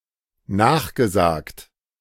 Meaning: past participle of nachsagen
- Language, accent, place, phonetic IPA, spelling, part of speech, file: German, Germany, Berlin, [ˈnaːxɡəˌzaːkt], nachgesagt, verb, De-nachgesagt.ogg